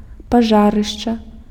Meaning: place where a fire occurred, burned area; ashes
- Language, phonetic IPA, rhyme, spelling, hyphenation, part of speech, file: Belarusian, [paˈʐarɨʂt͡ʂa], -arɨʂt͡ʂa, пажарышча, па‧жа‧рыш‧ча, noun, Be-пажарышча.ogg